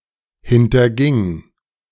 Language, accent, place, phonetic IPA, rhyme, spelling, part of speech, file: German, Germany, Berlin, [ˌhɪntɐˈɡɪŋ], -ɪŋ, hinterging, verb, De-hinterging.ogg
- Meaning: first/third-person singular preterite of hintergehen